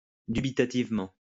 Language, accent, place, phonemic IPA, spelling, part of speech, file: French, France, Lyon, /dy.bi.ta.tiv.mɑ̃/, dubitativement, adverb, LL-Q150 (fra)-dubitativement.wav
- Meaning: doubtingly; with doubts